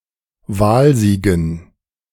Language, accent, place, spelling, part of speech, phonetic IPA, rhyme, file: German, Germany, Berlin, Wahlsiegen, noun, [ˈvaːlˌziːɡn̩], -aːlziːɡn̩, De-Wahlsiegen.ogg
- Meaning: dative plural of Wahlsieg